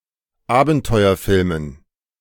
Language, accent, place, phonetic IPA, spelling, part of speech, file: German, Germany, Berlin, [ˈaːbn̩tɔɪ̯ɐˌfɪlmən], Abenteuerfilmen, noun, De-Abenteuerfilmen.ogg
- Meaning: dative plural of Abenteuerfilm